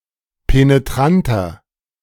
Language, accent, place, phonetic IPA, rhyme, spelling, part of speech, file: German, Germany, Berlin, [peneˈtʁantɐ], -antɐ, penetranter, adjective, De-penetranter.ogg
- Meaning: 1. comparative degree of penetrant 2. inflection of penetrant: strong/mixed nominative masculine singular 3. inflection of penetrant: strong genitive/dative feminine singular